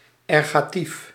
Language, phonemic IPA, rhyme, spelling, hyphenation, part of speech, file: Dutch, /ˌɛr.ɣaːˈtif/, -if, ergatief, er‧ga‧tief, noun / adjective, Nl-ergatief.ogg
- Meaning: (noun) ergative